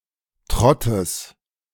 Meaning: genitive of Trott
- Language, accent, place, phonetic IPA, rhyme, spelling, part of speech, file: German, Germany, Berlin, [ˈtʁɔtəs], -ɔtəs, Trottes, noun, De-Trottes.ogg